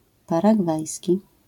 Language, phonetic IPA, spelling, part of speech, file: Polish, [ˌparaˈɡvajsʲci], paragwajski, adjective, LL-Q809 (pol)-paragwajski.wav